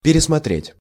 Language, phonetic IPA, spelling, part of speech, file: Russian, [pʲɪrʲɪsmɐˈtrʲetʲ], пересмотреть, verb, Ru-пересмотреть.ogg
- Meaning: 1. to review, to revise 2. to reconsider, to rethink 3. to go over (only in perfective aspect)